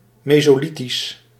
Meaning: Mesolithic
- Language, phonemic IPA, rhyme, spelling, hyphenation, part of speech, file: Dutch, /ˌmeː.soːˈli.tis/, -itis, mesolithisch, me‧so‧li‧thisch, adjective, Nl-mesolithisch.ogg